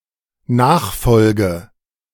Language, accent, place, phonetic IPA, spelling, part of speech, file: German, Germany, Berlin, [ˈnaːxˌfɔlɡə], nachfolge, verb, De-nachfolge.ogg
- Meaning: inflection of nachfolgen: 1. first-person singular dependent present 2. first/third-person singular dependent subjunctive I